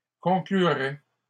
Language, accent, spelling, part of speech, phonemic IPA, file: French, Canada, conclurait, verb, /kɔ̃.kly.ʁɛ/, LL-Q150 (fra)-conclurait.wav
- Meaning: third-person singular conditional of conclure